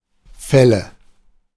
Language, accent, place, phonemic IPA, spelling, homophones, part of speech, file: German, Germany, Berlin, /ˈfɛlə/, Fälle, Felle, noun, De-Fälle.ogg
- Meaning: nominative/accusative/genitive plural of Fall